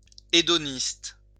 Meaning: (adjective) hedonistic; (noun) hedonist
- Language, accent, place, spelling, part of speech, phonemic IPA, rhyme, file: French, France, Lyon, hédoniste, adjective / noun, /e.dɔ.nist/, -ist, LL-Q150 (fra)-hédoniste.wav